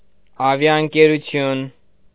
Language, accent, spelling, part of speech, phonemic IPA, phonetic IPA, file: Armenian, Eastern Armenian, ավիաընկերություն, noun, /ɑvjɑənkeɾuˈtʰjun/, [ɑvjɑəŋkeɾut͡sʰjún], Hy-ավիաընկերություն.ogg
- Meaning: airline